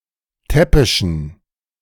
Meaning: inflection of täppisch: 1. strong genitive masculine/neuter singular 2. weak/mixed genitive/dative all-gender singular 3. strong/weak/mixed accusative masculine singular 4. strong dative plural
- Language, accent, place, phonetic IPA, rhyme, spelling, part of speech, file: German, Germany, Berlin, [ˈtɛpɪʃn̩], -ɛpɪʃn̩, täppischen, adjective, De-täppischen.ogg